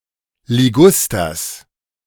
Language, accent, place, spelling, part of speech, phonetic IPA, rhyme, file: German, Germany, Berlin, Ligusters, noun, [liˈɡʊstɐs], -ʊstɐs, De-Ligusters.ogg
- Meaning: genitive singular of Liguster